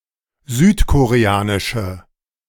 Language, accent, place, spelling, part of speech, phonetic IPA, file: German, Germany, Berlin, südkoreanische, adjective, [ˈzyːtkoʁeˌaːnɪʃə], De-südkoreanische.ogg
- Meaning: inflection of südkoreanisch: 1. strong/mixed nominative/accusative feminine singular 2. strong nominative/accusative plural 3. weak nominative all-gender singular